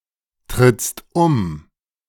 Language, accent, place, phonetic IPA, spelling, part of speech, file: German, Germany, Berlin, [ˌtʁɪt͡st ˈʊm], trittst um, verb, De-trittst um.ogg
- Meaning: second-person singular present of umtreten